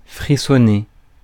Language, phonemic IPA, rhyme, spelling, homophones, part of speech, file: French, /fʁi.sɔ.ne/, -e, frissonner, frissonnai / frissonné / frissonnée / frissonnées / frissonnés / frissonnez, verb, Fr-frissonner.ogg
- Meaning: 1. tremble 2. shiver 3. rustle